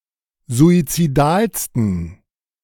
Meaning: 1. superlative degree of suizidal 2. inflection of suizidal: strong genitive masculine/neuter singular superlative degree
- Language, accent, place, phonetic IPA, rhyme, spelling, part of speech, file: German, Germany, Berlin, [zuit͡siˈdaːlstn̩], -aːlstn̩, suizidalsten, adjective, De-suizidalsten.ogg